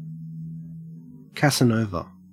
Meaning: Alternative letter-case form of Casanova
- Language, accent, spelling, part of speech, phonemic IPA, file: English, Australia, casanova, noun, /kæsəˈnoʊvə/, En-au-casanova.ogg